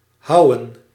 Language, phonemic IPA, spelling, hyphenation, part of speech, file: Dutch, /ˈɦɑu̯ə(n)/, houwen, houwen, verb, Nl-houwen.ogg
- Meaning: 1. to hew 2. pronunciation spelling of houden